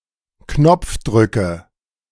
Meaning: nominative/accusative/genitive plural of Knopfdruck
- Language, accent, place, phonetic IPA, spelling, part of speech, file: German, Germany, Berlin, [ˈknɔp͡fˌdʁʏkə], Knopfdrücke, noun, De-Knopfdrücke.ogg